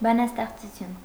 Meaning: 1. poem 2. poetry
- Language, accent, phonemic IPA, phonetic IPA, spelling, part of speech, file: Armenian, Eastern Armenian, /bɑnɑsteχt͡suˈtʰjun/, [bɑnɑsteχt͡sut͡sʰjún], բանաստեղծություն, noun, Hy-բանաստեղծություն.ogg